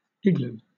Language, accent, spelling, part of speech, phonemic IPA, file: English, Southern England, igloo, noun, /ˈɪɡ.luː/, LL-Q1860 (eng)-igloo.wav
- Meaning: 1. A dome-shaped Inuit shelter, constructed of blocks cut from snow 2. A cavity, or excavation, made in the snow by a seal, over its breathing hole in the sea ice